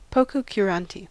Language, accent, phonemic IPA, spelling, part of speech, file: English, US, /ˌpoʊ.koʊ.kjuːˈɹɑːn.ti/, pococurante, adjective / noun, En-us-pococurante.ogg
- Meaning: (adjective) Apathetic, indifferent or nonchalant; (noun) An apathetic, indifferent or nonchalant person